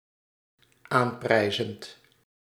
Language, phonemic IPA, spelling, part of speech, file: Dutch, /ˈamprɛizənt/, aanprijzend, verb, Nl-aanprijzend.ogg
- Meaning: present participle of aanprijzen